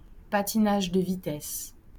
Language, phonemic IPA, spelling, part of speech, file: French, /pa.ti.naʒ də vi.tɛs/, patinage de vitesse, noun, LL-Q150 (fra)-patinage de vitesse.wav
- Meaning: speed skating (the sport of racing around an oval course on ice skates)